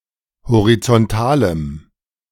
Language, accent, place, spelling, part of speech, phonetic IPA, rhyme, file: German, Germany, Berlin, horizontalem, adjective, [hoʁit͡sɔnˈtaːləm], -aːləm, De-horizontalem.ogg
- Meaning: strong dative masculine/neuter singular of horizontal